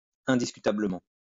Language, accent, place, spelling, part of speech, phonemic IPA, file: French, France, Lyon, indiscutablement, adverb, /ɛ̃.dis.ky.ta.blə.mɑ̃/, LL-Q150 (fra)-indiscutablement.wav
- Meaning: indisputably; undebatably